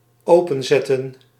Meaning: 1. to open up (windows, doors etc.), 2. to open in such away that it stays open
- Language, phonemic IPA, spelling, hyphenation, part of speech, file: Dutch, /ˈoː.pə(n)ˌzɛ.tə(n)/, openzetten, open‧zet‧ten, verb, Nl-openzetten.ogg